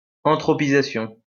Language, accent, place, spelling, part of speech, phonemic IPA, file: French, France, Lyon, anthropisation, noun, /ɑ̃.tʁɔ.pi.za.sjɔ̃/, LL-Q150 (fra)-anthropisation.wav
- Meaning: anthropization